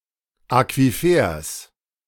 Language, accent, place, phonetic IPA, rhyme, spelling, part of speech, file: German, Germany, Berlin, [akviˈfeːɐ̯s], -eːɐ̯s, Aquifers, noun, De-Aquifers.ogg
- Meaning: genitive singular of Aquifer